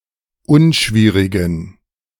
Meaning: inflection of unschwierig: 1. strong genitive masculine/neuter singular 2. weak/mixed genitive/dative all-gender singular 3. strong/weak/mixed accusative masculine singular 4. strong dative plural
- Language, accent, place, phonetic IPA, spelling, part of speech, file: German, Germany, Berlin, [ˈʊnˌʃviːʁɪɡn̩], unschwierigen, adjective, De-unschwierigen.ogg